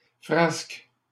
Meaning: plural of frasque
- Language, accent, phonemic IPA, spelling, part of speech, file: French, Canada, /fʁask/, frasques, noun, LL-Q150 (fra)-frasques.wav